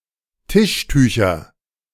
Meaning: nominative/accusative/genitive plural of Tischtuch
- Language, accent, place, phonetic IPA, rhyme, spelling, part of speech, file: German, Germany, Berlin, [ˈtɪʃˌtyːçɐ], -ɪʃtyːçɐ, Tischtücher, noun, De-Tischtücher.ogg